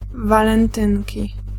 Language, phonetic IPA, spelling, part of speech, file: Polish, [ˌvalɛ̃nˈtɨ̃nʲci], walentynki, noun, Pl-walentynki.ogg